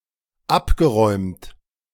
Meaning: past participle of abräumen
- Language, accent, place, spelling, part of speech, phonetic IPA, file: German, Germany, Berlin, abgeräumt, verb, [ˈapɡəˌʁɔɪ̯mt], De-abgeräumt.ogg